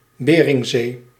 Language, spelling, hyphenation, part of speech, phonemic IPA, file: Dutch, Beringzee, Be‧ring‧zee, proper noun, /ˈbeː.rɪŋˌzeː/, Nl-Beringzee.ogg
- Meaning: Bering Sea